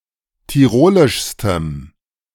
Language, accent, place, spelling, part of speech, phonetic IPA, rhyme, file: German, Germany, Berlin, tirolischstem, adjective, [tiˈʁoːlɪʃstəm], -oːlɪʃstəm, De-tirolischstem.ogg
- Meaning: strong dative masculine/neuter singular superlative degree of tirolisch